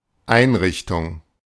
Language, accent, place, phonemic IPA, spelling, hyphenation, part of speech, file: German, Germany, Berlin, /ˈʔaɪ̯nʁɪçtʊŋ/, Einrichtung, Ein‧rich‧tung, noun, De-Einrichtung.ogg
- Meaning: 1. facility, institution 2. constitution, installation, establishment 3. furnishing, furniture